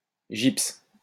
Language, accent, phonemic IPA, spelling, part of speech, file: French, France, /ʒips/, gypse, noun / verb, LL-Q150 (fra)-gypse.wav
- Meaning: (noun) gypsum; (verb) inflection of gypser: 1. first/third-person singular present indicative/subjunctive 2. second-person singular imperative